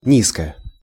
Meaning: short feminine singular of ни́зкий (nízkij)
- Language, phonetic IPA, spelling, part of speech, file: Russian, [nʲɪˈska], низка, adjective, Ru-низка.ogg